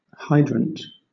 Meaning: An outlet from a liquid/fluid main often consisting of an upright pipe with a valve attached from which fluid (e.g. water or fuel) can be tapped
- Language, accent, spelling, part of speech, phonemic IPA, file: English, Southern England, hydrant, noun, /ˈhaɪdɹənt/, LL-Q1860 (eng)-hydrant.wav